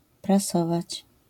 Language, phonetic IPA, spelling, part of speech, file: Polish, [praˈsɔvat͡ɕ], prasować, verb, LL-Q809 (pol)-prasować.wav